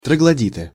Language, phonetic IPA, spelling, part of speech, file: Russian, [trəɡɫɐˈdʲitɨ], троглодиты, noun, Ru-троглодиты.ogg
- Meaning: nominative plural of троглоди́т (troglodít)